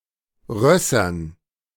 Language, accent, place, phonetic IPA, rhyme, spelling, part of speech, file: German, Germany, Berlin, [ˈʁœsɐn], -œsɐn, Rössern, noun, De-Rössern.ogg
- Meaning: dative plural of Ross